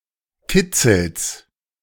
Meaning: genitive of Kitzel
- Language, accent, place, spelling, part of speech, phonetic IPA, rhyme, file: German, Germany, Berlin, Kitzels, noun, [ˈkɪt͡sl̩s], -ɪt͡sl̩s, De-Kitzels.ogg